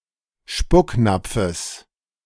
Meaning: genitive singular of Spucknapf
- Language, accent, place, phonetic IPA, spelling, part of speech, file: German, Germany, Berlin, [ˈʃpʊkˌnap͡fəs], Spucknapfes, noun, De-Spucknapfes.ogg